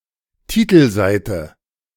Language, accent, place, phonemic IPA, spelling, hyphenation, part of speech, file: German, Germany, Berlin, /ˈtiːtl̩ˌzaɪ̯tə/, Titelseite, Ti‧tel‧sei‧te, noun, De-Titelseite.ogg
- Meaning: front page